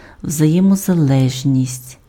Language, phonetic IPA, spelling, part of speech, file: Ukrainian, [wzɐjemɔzɐˈɫɛʒnʲisʲtʲ], взаємозалежність, noun, Uk-взаємозалежність.ogg
- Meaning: interdependence